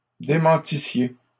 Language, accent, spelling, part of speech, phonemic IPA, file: French, Canada, démentissiez, verb, /de.mɑ̃.ti.sje/, LL-Q150 (fra)-démentissiez.wav
- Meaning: second-person plural imperfect subjunctive of démentir